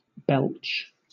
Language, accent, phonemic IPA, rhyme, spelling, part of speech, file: English, Southern England, /ˈbɛltʃ/, -ɛltʃ, belch, verb / noun, LL-Q1860 (eng)-belch.wav
- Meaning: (verb) 1. To expel (gas) from the stomach through the mouth; especially, to do so loudly 2. To eject or emit (something) with spasmodic force or noise